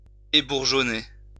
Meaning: to remove superfluous buds from; debud
- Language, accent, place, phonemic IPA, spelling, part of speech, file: French, France, Lyon, /e.buʁ.ʒɔ.ne/, ébourgeonner, verb, LL-Q150 (fra)-ébourgeonner.wav